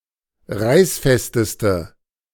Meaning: inflection of reißfest: 1. strong/mixed nominative/accusative feminine singular superlative degree 2. strong nominative/accusative plural superlative degree
- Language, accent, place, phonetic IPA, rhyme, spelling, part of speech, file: German, Germany, Berlin, [ˈʁaɪ̯sˌfɛstəstə], -aɪ̯sfɛstəstə, reißfesteste, adjective, De-reißfesteste.ogg